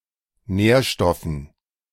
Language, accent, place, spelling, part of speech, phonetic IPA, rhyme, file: German, Germany, Berlin, Nährstoffen, noun, [ˈnɛːɐ̯ˌʃtɔfn̩], -ɛːɐ̯ʃtɔfn̩, De-Nährstoffen.ogg
- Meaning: dative plural of Nährstoff